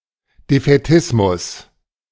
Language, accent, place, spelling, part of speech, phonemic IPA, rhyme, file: German, Germany, Berlin, Defätismus, noun, /defɛˈtɪsmʊs/, -ɪsmʊs, De-Defätismus.ogg
- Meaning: defeatism